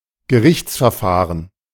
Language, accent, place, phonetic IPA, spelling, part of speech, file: German, Germany, Berlin, [ɡəˈʁɪçt͡sfɛɐ̯ˌfaːʁən], Gerichtsverfahren, noun, De-Gerichtsverfahren.ogg
- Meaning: legal process, legal proceedings, trial, lawsuit